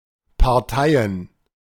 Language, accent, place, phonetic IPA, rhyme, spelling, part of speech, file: German, Germany, Berlin, [paʁˈtaɪ̯ən], -aɪ̯ən, Parteien, noun, De-Parteien.ogg
- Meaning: plural of Partei